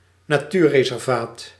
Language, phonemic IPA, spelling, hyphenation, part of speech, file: Dutch, /naːˈtyː(r).reː.sɛrˌvaːt/, natuurreservaat, na‧tuur‧re‧ser‧vaat, noun, Nl-natuurreservaat.ogg
- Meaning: a nature reserve